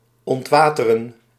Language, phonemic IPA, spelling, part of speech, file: Dutch, /ˌɔntˈʋaː.tə.rə(n)/, ontwateren, verb, Nl-ontwateren.ogg
- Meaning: to drain